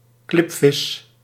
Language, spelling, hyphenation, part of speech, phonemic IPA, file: Dutch, klipvis, klip‧vis, noun, /ˈklɪp.fɪs/, Nl-klipvis.ogg
- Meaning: 1. klipfish; salt cod 2. butterflyfish, fish of the family Chaetodontidae